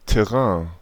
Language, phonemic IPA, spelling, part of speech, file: German, /tɛˈʁɛ̃ː/, Terrain, noun, De-Terrain.ogg
- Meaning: territory, ground, terrain